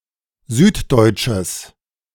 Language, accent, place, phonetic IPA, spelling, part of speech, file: German, Germany, Berlin, [ˈzyːtˌdɔɪ̯t͡ʃəs], süddeutsches, adjective, De-süddeutsches.ogg
- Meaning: strong/mixed nominative/accusative neuter singular of süddeutsch